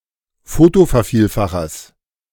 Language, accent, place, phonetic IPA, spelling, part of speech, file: German, Germany, Berlin, [ˈfoːtofɛɐ̯ˌfiːlfaxɐs], Fotovervielfachers, noun, De-Fotovervielfachers.ogg
- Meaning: genitive singular of Fotovervielfacher